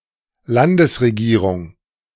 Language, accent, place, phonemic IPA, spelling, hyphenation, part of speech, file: German, Germany, Berlin, /ˈlandəsʁeˌɡiːʁʊŋ/, Landesregierung, Lan‧des‧re‧gie‧rung, noun, De-Landesregierung.ogg
- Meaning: 1. state government 2. federal government